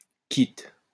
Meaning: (adjective) 1. quits 2. play quitte, play even, play without winning or losing, a draw; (verb) inflection of quitter: first/third-person singular present indicative/subjunctive
- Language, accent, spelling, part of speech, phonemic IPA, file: French, France, quitte, adjective / verb, /kit/, LL-Q150 (fra)-quitte.wav